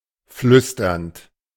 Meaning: present participle of flüstern
- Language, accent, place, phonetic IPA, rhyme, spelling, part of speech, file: German, Germany, Berlin, [ˈflʏstɐnt], -ʏstɐnt, flüsternd, verb, De-flüsternd.ogg